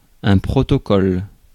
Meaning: protocol
- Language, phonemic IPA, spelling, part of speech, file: French, /pʁɔ.tɔ.kɔl/, protocole, noun, Fr-protocole.ogg